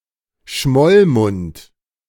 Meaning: pout
- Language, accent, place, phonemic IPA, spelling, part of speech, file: German, Germany, Berlin, /ˈʃmɔlˌmʊnt/, Schmollmund, noun, De-Schmollmund.ogg